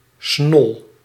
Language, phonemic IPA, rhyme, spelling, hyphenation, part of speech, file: Dutch, /snɔl/, -ɔl, snol, snol, noun, Nl-snol.ogg
- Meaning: 1. slut, whore, promiscuous woman 2. babe, lover